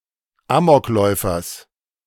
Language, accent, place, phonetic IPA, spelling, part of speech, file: German, Germany, Berlin, [ˈaːmɔkˌlɔɪ̯fɐs], Amokläufers, noun, De-Amokläufers.ogg
- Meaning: genitive singular of Amokläufer